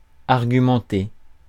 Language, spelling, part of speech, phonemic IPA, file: French, argumenter, verb, /aʁ.ɡy.mɑ̃.te/, Fr-argumenter.ogg
- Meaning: to present one's arguments, to set out one's arguments, to argue